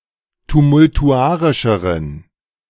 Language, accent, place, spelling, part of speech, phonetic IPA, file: German, Germany, Berlin, tumultuarischeren, adjective, [tumʊltuˈʔaʁɪʃəʁən], De-tumultuarischeren.ogg
- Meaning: inflection of tumultuarisch: 1. strong genitive masculine/neuter singular comparative degree 2. weak/mixed genitive/dative all-gender singular comparative degree